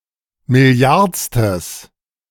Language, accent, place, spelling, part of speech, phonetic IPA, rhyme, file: German, Germany, Berlin, milliardstes, adjective, [mɪˈli̯aʁt͡stəs], -aʁt͡stəs, De-milliardstes.ogg
- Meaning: strong/mixed nominative/accusative neuter singular of milliardste